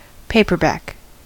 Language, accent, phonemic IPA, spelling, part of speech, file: English, US, /ˈpeɪ.pɚˌbæk/, paperback, noun / adjective / verb, En-us-paperback.ogg
- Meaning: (noun) A book with flexible binding; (adjective) Having flexible binding; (verb) To issue or publish (a book) in a paperback edition